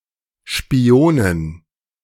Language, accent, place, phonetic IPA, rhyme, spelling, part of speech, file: German, Germany, Berlin, [ʃpiˈoːnən], -oːnən, Spionen, noun, De-Spionen.ogg
- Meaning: dative plural of Spion